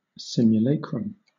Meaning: A physical image or representation of a deity, person, or thing
- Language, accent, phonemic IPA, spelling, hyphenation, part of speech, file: English, Southern England, /ˌsɪmjʊˈleɪkɹəm/, simulacrum, sim‧u‧la‧crum, noun, LL-Q1860 (eng)-simulacrum.wav